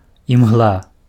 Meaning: fog
- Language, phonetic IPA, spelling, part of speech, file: Belarusian, [jimɣˈɫa], імгла, noun, Be-імгла.ogg